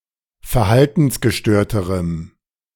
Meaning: strong dative masculine/neuter singular comparative degree of verhaltensgestört
- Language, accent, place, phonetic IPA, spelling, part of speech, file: German, Germany, Berlin, [fɛɐ̯ˈhaltn̩sɡəˌʃtøːɐ̯təʁəm], verhaltensgestörterem, adjective, De-verhaltensgestörterem.ogg